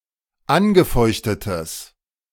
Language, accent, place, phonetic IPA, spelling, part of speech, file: German, Germany, Berlin, [ˈanɡəˌfɔɪ̯çtətəs], angefeuchtetes, adjective, De-angefeuchtetes.ogg
- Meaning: strong/mixed nominative/accusative neuter singular of angefeuchtet